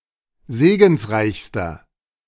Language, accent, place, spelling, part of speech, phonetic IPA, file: German, Germany, Berlin, segensreichster, adjective, [ˈzeːɡn̩sˌʁaɪ̯çstɐ], De-segensreichster.ogg
- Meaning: inflection of segensreich: 1. strong/mixed nominative masculine singular superlative degree 2. strong genitive/dative feminine singular superlative degree 3. strong genitive plural superlative degree